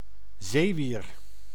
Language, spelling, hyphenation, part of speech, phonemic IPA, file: Dutch, zeewier, zee‧wier, noun, /ˈzeː.ʋir/, Nl-zeewier.ogg
- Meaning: seaweed, primitive marine plants and algae